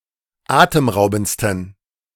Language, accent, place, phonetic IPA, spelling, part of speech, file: German, Germany, Berlin, [ˈaːtəmˌʁaʊ̯bn̩t͡stən], atemraubendsten, adjective, De-atemraubendsten.ogg
- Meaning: 1. superlative degree of atemraubend 2. inflection of atemraubend: strong genitive masculine/neuter singular superlative degree